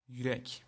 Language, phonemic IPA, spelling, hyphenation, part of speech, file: Turkish, /jyˈɾec/, yürek, yü‧rek, noun, Tr-yürek.ogg
- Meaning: 1. heart 2. courage